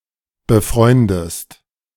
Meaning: inflection of befreunden: 1. second-person singular present 2. second-person singular subjunctive I
- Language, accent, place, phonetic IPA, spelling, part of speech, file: German, Germany, Berlin, [bəˈfʁɔɪ̯ndəst], befreundest, verb, De-befreundest.ogg